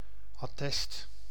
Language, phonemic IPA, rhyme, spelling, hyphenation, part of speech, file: Dutch, /ɑˈtɛst/, -ɛst, attest, at‧test, noun, Nl-attest.ogg
- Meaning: certificate, document supporting an assertion